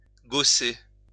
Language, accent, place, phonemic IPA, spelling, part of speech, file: French, France, Lyon, /ɡo.se/, gausser, verb, LL-Q150 (fra)-gausser.wav
- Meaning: to openly mock, to scorn, to criticize harshly